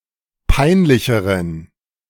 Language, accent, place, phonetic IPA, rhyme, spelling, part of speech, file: German, Germany, Berlin, [ˈpaɪ̯nˌlɪçəʁən], -aɪ̯nlɪçəʁən, peinlicheren, adjective, De-peinlicheren.ogg
- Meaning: inflection of peinlich: 1. strong genitive masculine/neuter singular comparative degree 2. weak/mixed genitive/dative all-gender singular comparative degree